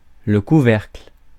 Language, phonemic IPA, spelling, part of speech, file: French, /ku.vɛʁkl/, couvercle, noun, Fr-couvercle.ogg
- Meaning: lid, cap, cover